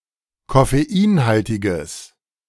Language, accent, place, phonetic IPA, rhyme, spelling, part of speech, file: German, Germany, Berlin, [kɔfeˈiːnˌhaltɪɡəs], -iːnhaltɪɡəs, koffeinhaltiges, adjective, De-koffeinhaltiges.ogg
- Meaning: strong/mixed nominative/accusative neuter singular of koffeinhaltig